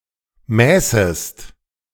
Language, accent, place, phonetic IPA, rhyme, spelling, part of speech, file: German, Germany, Berlin, [ˈmɛːsəst], -ɛːsəst, mäßest, verb, De-mäßest.ogg
- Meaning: second-person singular subjunctive II of messen